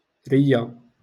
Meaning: lung
- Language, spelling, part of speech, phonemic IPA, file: Moroccan Arabic, رية, noun, /rij.ja/, LL-Q56426 (ary)-رية.wav